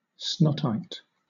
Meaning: A colony of single-celled extremophilic bacteria that hangs in a sheet (having the consistency of snot or nasal mucus) from the ceilings of some caves like stalactites
- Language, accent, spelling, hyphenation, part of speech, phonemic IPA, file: English, Southern England, snottite, snot‧tite, noun, /ˈsnɒtaɪt/, LL-Q1860 (eng)-snottite.wav